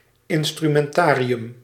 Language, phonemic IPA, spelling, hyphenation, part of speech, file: Dutch, /ˌɪn.stry.mɛnˈtaː.ri.ʏm/, instrumentarium, in‧stru‧men‧ta‧ri‧um, noun, Nl-instrumentarium.ogg
- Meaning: set of instruments, toolset